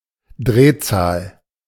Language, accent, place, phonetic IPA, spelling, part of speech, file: German, Germany, Berlin, [ˈdʁeːˌt͡saːl], Drehzahl, noun, De-Drehzahl.ogg
- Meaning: rotational speed, speed of rotation, (automotive) RPM, revolutions per minute